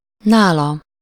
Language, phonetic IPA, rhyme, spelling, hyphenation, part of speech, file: Hungarian, [ˈnaːlɒ], -lɒ, nála, ná‧la, pronoun, Hu-nála.ogg
- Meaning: 1. at his/her place, on him/her 2. than (used with words in comparative form)